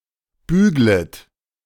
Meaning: second-person plural subjunctive I of bügeln
- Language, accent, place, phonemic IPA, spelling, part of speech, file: German, Germany, Berlin, /ˈbyːɡlət/, büglet, verb, De-büglet.ogg